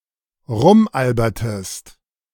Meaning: inflection of rumalbern: 1. second-person singular preterite 2. second-person singular subjunctive II
- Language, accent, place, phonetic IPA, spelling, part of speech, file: German, Germany, Berlin, [ˈʁʊmˌʔalbɐtəst], rumalbertest, verb, De-rumalbertest.ogg